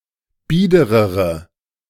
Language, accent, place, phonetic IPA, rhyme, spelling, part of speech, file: German, Germany, Berlin, [ˈbiːdəʁəʁə], -iːdəʁəʁə, biederere, adjective, De-biederere.ogg
- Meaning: inflection of bieder: 1. strong/mixed nominative/accusative feminine singular comparative degree 2. strong nominative/accusative plural comparative degree